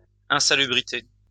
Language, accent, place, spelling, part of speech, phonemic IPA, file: French, France, Lyon, insalubrité, noun, /ɛ̃.sa.ly.bʁi.te/, LL-Q150 (fra)-insalubrité.wav
- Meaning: insalubrity